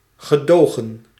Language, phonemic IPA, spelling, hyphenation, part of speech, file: Dutch, /ɣəˈdoːɣə(n)/, gedogen, ge‧do‧gen, verb, Nl-gedogen.ogg
- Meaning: to tolerate, to permit, to condone